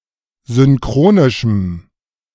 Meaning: strong dative masculine/neuter singular of synchronisch
- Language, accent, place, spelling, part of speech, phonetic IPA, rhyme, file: German, Germany, Berlin, synchronischem, adjective, [zʏnˈkʁoːnɪʃm̩], -oːnɪʃm̩, De-synchronischem.ogg